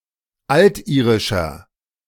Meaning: inflection of altirisch: 1. strong/mixed nominative masculine singular 2. strong genitive/dative feminine singular 3. strong genitive plural
- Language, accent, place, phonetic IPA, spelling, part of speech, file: German, Germany, Berlin, [ˈaltˌʔiːʁɪʃɐ], altirischer, adjective, De-altirischer.ogg